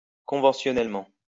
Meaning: conventionally
- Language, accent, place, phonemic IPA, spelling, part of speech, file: French, France, Lyon, /kɔ̃.vɑ̃.sjɔ.nɛl.mɑ̃/, conventionnellement, adverb, LL-Q150 (fra)-conventionnellement.wav